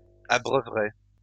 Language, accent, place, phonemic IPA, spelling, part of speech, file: French, France, Lyon, /a.bʁœ.vʁɛ/, abreuverais, verb, LL-Q150 (fra)-abreuverais.wav
- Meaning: first/second-person singular conditional of abreuver